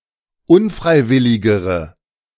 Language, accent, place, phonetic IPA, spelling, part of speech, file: German, Germany, Berlin, [ˈʊnˌfʁaɪ̯ˌvɪlɪɡəʁə], unfreiwilligere, adjective, De-unfreiwilligere.ogg
- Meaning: inflection of unfreiwillig: 1. strong/mixed nominative/accusative feminine singular comparative degree 2. strong nominative/accusative plural comparative degree